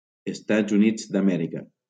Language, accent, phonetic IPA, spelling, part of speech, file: Catalan, Valencia, [esˈtadz uˈnidz ð‿aˈmɛ.ɾi.ka], Estats Units d'Amèrica, proper noun, LL-Q7026 (cat)-Estats Units d'Amèrica.wav
- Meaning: United States of America (a country in North America)